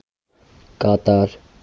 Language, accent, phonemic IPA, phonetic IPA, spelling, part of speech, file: Armenian, Eastern Armenian, /kɑˈtɑɾ/, [kɑtɑ́ɾ], Կատար, proper noun, Hy-Կատար.ogg
- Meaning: Qatar (a country in West Asia in the Middle East)